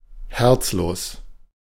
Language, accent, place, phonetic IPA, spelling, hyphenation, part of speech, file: German, Germany, Berlin, [ˈhɛʁt͡sloːs], herzlos, herz‧los, adjective, De-herzlos.ogg
- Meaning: 1. heartless, unfeeling 2. acardiac